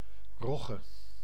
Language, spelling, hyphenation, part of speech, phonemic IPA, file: Dutch, rogge, rog‧ge, noun, /ˈrɔɣə/, Nl-rogge.ogg
- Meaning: rye (Secale cereale)